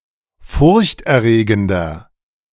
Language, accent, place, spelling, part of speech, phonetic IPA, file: German, Germany, Berlin, furchterregender, adjective, [ˈfʊʁçtʔɛɐ̯ˌʁeːɡəndɐ], De-furchterregender.ogg
- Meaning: inflection of furchterregend: 1. strong/mixed nominative masculine singular 2. strong genitive/dative feminine singular 3. strong genitive plural